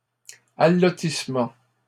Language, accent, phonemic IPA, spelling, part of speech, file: French, Canada, /a.lɔ.tis.mɑ̃/, allotissement, noun, LL-Q150 (fra)-allotissement.wav
- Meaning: allotting, allotment